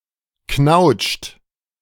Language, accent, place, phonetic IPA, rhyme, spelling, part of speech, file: German, Germany, Berlin, [knaʊ̯t͡ʃt], -aʊ̯t͡ʃt, knautscht, verb, De-knautscht.ogg
- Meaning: inflection of knautschen: 1. second-person plural present 2. third-person singular present 3. plural imperative